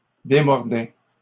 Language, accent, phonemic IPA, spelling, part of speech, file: French, Canada, /de.mɔʁ.dɛ/, démordait, verb, LL-Q150 (fra)-démordait.wav
- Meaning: third-person singular imperfect indicative of démordre